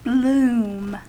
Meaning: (noun) 1. A blossom; the flower of a plant; an expanded bud 2. Flowers 3. The opening of flowers in general; the state of blossoming or of having the flowers open
- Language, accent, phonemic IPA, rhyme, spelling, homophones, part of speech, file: English, US, /blum/, -uːm, bloom, Bloom, noun / verb, En-us-bloom.ogg